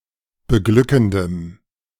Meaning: strong dative masculine/neuter singular of beglückend
- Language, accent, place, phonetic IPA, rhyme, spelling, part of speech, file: German, Germany, Berlin, [bəˈɡlʏkn̩dəm], -ʏkn̩dəm, beglückendem, adjective, De-beglückendem.ogg